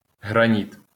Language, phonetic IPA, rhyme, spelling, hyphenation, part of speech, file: Ukrainian, [ɦrɐˈnʲit], -it, граніт, гра‧ніт, noun, LL-Q8798 (ukr)-граніт.wav
- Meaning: granite